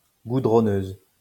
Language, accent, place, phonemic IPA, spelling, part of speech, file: French, France, Lyon, /ɡu.dʁɔ.nøz/, goudronneuse, noun / adjective, LL-Q150 (fra)-goudronneuse.wav
- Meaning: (noun) road paver; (adjective) feminine singular of goudronneux